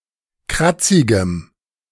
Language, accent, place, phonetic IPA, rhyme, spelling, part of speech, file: German, Germany, Berlin, [ˈkʁat͡sɪɡəm], -at͡sɪɡəm, kratzigem, adjective, De-kratzigem.ogg
- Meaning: strong dative masculine/neuter singular of kratzig